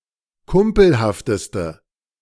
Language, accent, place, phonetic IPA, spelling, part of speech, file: German, Germany, Berlin, [ˈkʊmpl̩haftəstə], kumpelhafteste, adjective, De-kumpelhafteste.ogg
- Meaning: inflection of kumpelhaft: 1. strong/mixed nominative/accusative feminine singular superlative degree 2. strong nominative/accusative plural superlative degree